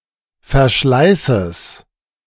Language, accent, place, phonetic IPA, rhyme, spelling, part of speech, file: German, Germany, Berlin, [fɛɐ̯ˈʃlaɪ̯səs], -aɪ̯səs, Verschleißes, noun, De-Verschleißes.ogg
- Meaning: genitive singular of Verschleiß